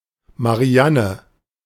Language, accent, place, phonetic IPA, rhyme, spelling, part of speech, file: German, Germany, Berlin, [maˈʁi̯anə], -anə, Marianne, proper noun, De-Marianne.ogg
- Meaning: a female given name